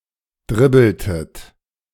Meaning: inflection of dribbeln: 1. second-person plural preterite 2. second-person plural subjunctive II
- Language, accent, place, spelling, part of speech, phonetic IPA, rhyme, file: German, Germany, Berlin, dribbeltet, verb, [ˈdʁɪbl̩tət], -ɪbl̩tət, De-dribbeltet.ogg